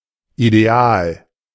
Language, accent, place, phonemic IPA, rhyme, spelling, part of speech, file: German, Germany, Berlin, /ideˈaːl/, -aːl, ideal, adjective, De-ideal.ogg
- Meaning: ideal (optimal, perfect)